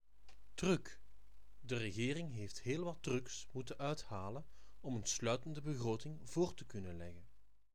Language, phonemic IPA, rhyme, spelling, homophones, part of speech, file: Dutch, /tryk/, -yk, truc, truck, noun, Nl-truc.ogg
- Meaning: trick